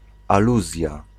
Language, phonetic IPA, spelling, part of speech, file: Polish, [aˈluzʲja], aluzja, noun, Pl-aluzja.ogg